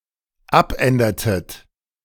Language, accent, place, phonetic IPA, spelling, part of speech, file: German, Germany, Berlin, [ˈapˌʔɛndɐtət], abändertet, verb, De-abändertet.ogg
- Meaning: inflection of abändern: 1. second-person plural dependent preterite 2. second-person plural dependent subjunctive II